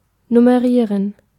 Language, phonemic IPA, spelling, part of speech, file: German, /nʊməˈʁiːʁən/, nummerieren, verb, De-nummerieren.oga
- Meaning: to number